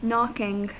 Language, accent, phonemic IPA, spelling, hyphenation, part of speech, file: English, US, /ˈnɑkɪŋ/, knocking, knock‧ing, verb / noun, En-us-knocking.ogg
- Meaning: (verb) present participle and gerund of knock; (noun) An act in which something is knocked on, or the sound thus produced